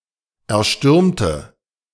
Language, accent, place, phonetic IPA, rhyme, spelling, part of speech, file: German, Germany, Berlin, [ɛɐ̯ˈʃtʏʁmtə], -ʏʁmtə, erstürmte, adjective / verb, De-erstürmte.ogg
- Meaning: inflection of erstürmen: 1. first/third-person singular preterite 2. first/third-person singular subjunctive II